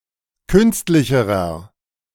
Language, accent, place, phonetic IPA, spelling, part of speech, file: German, Germany, Berlin, [ˈkʏnstlɪçəʁɐ], künstlicherer, adjective, De-künstlicherer.ogg
- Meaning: inflection of künstlich: 1. strong/mixed nominative masculine singular comparative degree 2. strong genitive/dative feminine singular comparative degree 3. strong genitive plural comparative degree